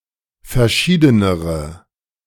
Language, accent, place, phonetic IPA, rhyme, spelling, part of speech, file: German, Germany, Berlin, [fɛɐ̯ˈʃiːdənəʁə], -iːdənəʁə, verschiedenere, adjective, De-verschiedenere.ogg
- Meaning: inflection of verschieden: 1. strong/mixed nominative/accusative feminine singular comparative degree 2. strong nominative/accusative plural comparative degree